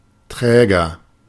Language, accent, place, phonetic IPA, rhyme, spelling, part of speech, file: German, Germany, Berlin, [ˈtʁɛːɡɐ], -ɛːɡɐ, träger, adjective, De-träger.ogg
- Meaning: inflection of träge: 1. strong/mixed nominative masculine singular 2. strong genitive/dative feminine singular 3. strong genitive plural